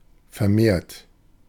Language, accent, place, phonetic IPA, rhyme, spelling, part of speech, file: German, Germany, Berlin, [fɛɐ̯ˈmeːɐ̯t], -eːɐ̯t, vermehrt, adjective / verb, De-vermehrt.ogg
- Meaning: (verb) past participle of vermehren; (adjective) 1. increased, augmented 2. additional